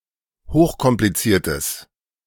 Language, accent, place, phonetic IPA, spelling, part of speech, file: German, Germany, Berlin, [ˈhoːxkɔmpliˌt͡siːɐ̯təs], hochkompliziertes, adjective, De-hochkompliziertes.ogg
- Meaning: strong/mixed nominative/accusative neuter singular of hochkompliziert